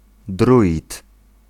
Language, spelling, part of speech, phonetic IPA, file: Polish, druid, noun, [ˈdruʲit], Pl-druid.ogg